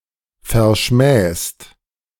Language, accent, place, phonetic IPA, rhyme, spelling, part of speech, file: German, Germany, Berlin, [fɛɐ̯ˈʃmɛːst], -ɛːst, verschmähst, verb, De-verschmähst.ogg
- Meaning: second-person singular present of verschmähen